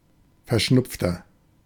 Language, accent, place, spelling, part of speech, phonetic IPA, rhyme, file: German, Germany, Berlin, verschnupfter, adjective, [fɛɐ̯ˈʃnʊp͡ftɐ], -ʊp͡ftɐ, De-verschnupfter.ogg
- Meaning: 1. comparative degree of verschnupft 2. inflection of verschnupft: strong/mixed nominative masculine singular 3. inflection of verschnupft: strong genitive/dative feminine singular